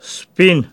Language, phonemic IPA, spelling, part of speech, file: Pashto, /spin/, سپين, adjective, سپين.ogg
- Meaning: white